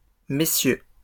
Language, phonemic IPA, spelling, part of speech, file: French, /me.sjø/, messieurs, noun, LL-Q150 (fra)-messieurs.wav
- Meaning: plural of monsieur